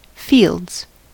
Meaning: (noun) plural of field; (verb) third-person singular simple present indicative of field
- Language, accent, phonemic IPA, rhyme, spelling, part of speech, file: English, US, /fiːldz/, -iːldz, fields, noun / verb, En-us-fields.ogg